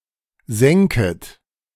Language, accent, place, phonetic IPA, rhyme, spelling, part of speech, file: German, Germany, Berlin, [ˈzɛŋkət], -ɛŋkət, senket, verb, De-senket.ogg
- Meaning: second-person plural subjunctive I of senken